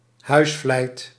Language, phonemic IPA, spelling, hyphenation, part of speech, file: Dutch, /ˈɦœy̯s.flɛi̯t/, huisvlijt, huis‧vlijt, noun, Nl-huisvlijt.ogg
- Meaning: cottage industry, domestic artisanry